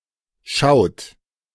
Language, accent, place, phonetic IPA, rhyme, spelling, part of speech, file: German, Germany, Berlin, [ʃaʊ̯t], -aʊ̯t, schaut, verb, De-schaut.ogg
- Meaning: inflection of schauen: 1. third-person singular present 2. second-person plural present 3. plural imperative